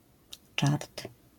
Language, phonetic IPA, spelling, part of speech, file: Polish, [t͡ʃart], czart, noun, LL-Q809 (pol)-czart.wav